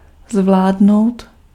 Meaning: to manage (to succeed)
- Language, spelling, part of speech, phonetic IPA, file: Czech, zvládnout, verb, [ˈzvlaːdnou̯t], Cs-zvládnout.ogg